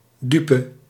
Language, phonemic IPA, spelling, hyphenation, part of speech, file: Dutch, /ˈdypə/, dupe, du‧pe, noun, Nl-dupe.ogg
- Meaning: victim